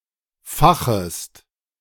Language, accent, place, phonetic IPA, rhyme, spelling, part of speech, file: German, Germany, Berlin, [ˈfaxəst], -axəst, fachest, verb, De-fachest.ogg
- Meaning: second-person singular subjunctive I of fachen